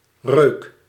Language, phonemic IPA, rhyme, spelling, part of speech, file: Dutch, /røːk/, -øːk, reuk, noun, Nl-reuk.ogg
- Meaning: smell